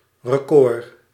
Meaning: a record, a best achievement
- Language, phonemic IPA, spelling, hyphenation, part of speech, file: Dutch, /rəˈkoːr/, record, re‧cord, noun, Nl-record.ogg